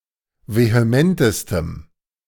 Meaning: strong dative masculine/neuter singular superlative degree of vehement
- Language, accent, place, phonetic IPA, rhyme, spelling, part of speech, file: German, Germany, Berlin, [veheˈmɛntəstəm], -ɛntəstəm, vehementestem, adjective, De-vehementestem.ogg